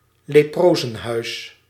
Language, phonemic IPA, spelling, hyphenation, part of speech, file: Dutch, /leːˈproː.zə(n)ˌɦœy̯s/, leprozenhuis, le‧pro‧zen‧huis, noun, Nl-leprozenhuis.ogg
- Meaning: leprosery, leprosarium